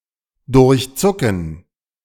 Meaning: to flash through
- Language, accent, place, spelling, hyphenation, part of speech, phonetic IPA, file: German, Germany, Berlin, durchzucken, durch‧zu‧cken, verb, [dʊʁçˈt͡sʊkn̩], De-durchzucken.ogg